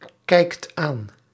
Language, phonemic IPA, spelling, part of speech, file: Dutch, /ˈkɛikt ˈan/, kijkt aan, verb, Nl-kijkt aan.ogg
- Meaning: inflection of aankijken: 1. second/third-person singular present indicative 2. plural imperative